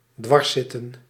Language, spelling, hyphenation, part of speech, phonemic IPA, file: Dutch, dwarszitten, dwars‧zit‧ten, verb, /ˈdʋɑrˌsɪtə(n)/, Nl-dwarszitten.ogg
- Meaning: 1. to hinder, to impede 2. to bother, to irritate